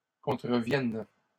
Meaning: first/third-person singular present subjunctive of contrevenir
- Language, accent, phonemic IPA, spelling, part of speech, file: French, Canada, /kɔ̃.tʁə.vjɛn/, contrevienne, verb, LL-Q150 (fra)-contrevienne.wav